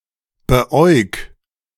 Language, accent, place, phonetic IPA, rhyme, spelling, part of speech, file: German, Germany, Berlin, [bəˈʔɔɪ̯k], -ɔɪ̯k, beäug, verb, De-beäug.ogg
- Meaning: 1. singular imperative of beäugen 2. first-person singular present of beäugen